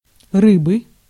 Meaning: 1. inflection of ры́ба (rýba) 2. inflection of ры́ба (rýba): genitive singular 3. inflection of ры́ба (rýba): nominative plural 4. inflection of ры́ба (rýba): inanimate accusative plural
- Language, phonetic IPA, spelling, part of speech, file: Russian, [ˈrɨbɨ], рыбы, noun, Ru-рыбы.ogg